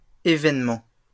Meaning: plural of événement
- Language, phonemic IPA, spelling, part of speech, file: French, /e.vɛn.mɑ̃/, événements, noun, LL-Q150 (fra)-événements.wav